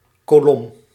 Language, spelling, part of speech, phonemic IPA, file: Dutch, kolom, noun, /koˈlɔm/, Nl-kolom.ogg
- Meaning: 1. column 2. column, i.e. vertical line of entries in a table 3. column, i.e. vertical body of text